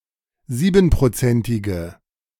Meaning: inflection of siebenprozentig: 1. strong/mixed nominative/accusative feminine singular 2. strong nominative/accusative plural 3. weak nominative all-gender singular
- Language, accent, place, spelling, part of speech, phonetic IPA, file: German, Germany, Berlin, siebenprozentige, adjective, [ˈziːbn̩pʁoˌt͡sɛntɪɡə], De-siebenprozentige.ogg